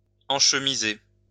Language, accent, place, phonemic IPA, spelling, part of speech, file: French, France, Lyon, /ɑ̃ʃ.mi.ze/, enchemiser, verb, LL-Q150 (fra)-enchemiser.wav
- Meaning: to put into a folder